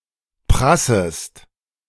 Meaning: second-person singular subjunctive I of prassen
- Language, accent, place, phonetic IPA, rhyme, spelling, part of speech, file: German, Germany, Berlin, [ˈpʁasəst], -asəst, prassest, verb, De-prassest.ogg